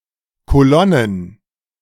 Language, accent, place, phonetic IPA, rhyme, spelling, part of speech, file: German, Germany, Berlin, [koˈlɔnən], -ɔnən, Kolonnen, noun, De-Kolonnen.ogg
- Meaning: plural of Kolonne